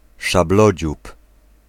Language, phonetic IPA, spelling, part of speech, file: Polish, [ʃaˈblɔd͡ʑup], szablodziób, noun, Pl-szablodziób.ogg